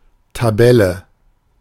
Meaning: 1. table (grid of data in rows and columns) 2. table (grid of data in rows and columns): league table (ranking of teams or competitors across during a season or multiple rounds of play)
- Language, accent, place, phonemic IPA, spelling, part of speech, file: German, Germany, Berlin, /taˈbɛlə/, Tabelle, noun, De-Tabelle.ogg